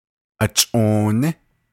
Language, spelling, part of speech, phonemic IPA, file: Navajo, achʼooní, noun, /ʔɑ̀t͡ʃʼòːnɪ́/, Nv-achʼooní.ogg
- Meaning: 1. comrade, partner, pal, friend, companion, helper (of either sex) 2. spouse, mate